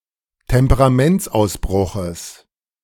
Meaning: genitive singular of Temperamentsausbruch
- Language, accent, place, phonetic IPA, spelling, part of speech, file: German, Germany, Berlin, [tɛmpəʁaˈmɛnt͡sʔaʊ̯sˌbʁʊxəs], Temperamentsausbruches, noun, De-Temperamentsausbruches.ogg